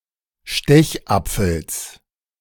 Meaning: genitive singular of Stechapfel
- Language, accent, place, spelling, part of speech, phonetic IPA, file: German, Germany, Berlin, Stechapfels, noun, [ˈʃtɛçˌʔap͡fl̩s], De-Stechapfels.ogg